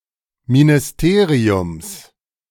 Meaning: genitive singular of Ministerium
- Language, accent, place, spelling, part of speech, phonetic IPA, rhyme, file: German, Germany, Berlin, Ministeriums, noun, [minɪsˈteːʁiʊms], -eːʁiʊms, De-Ministeriums.ogg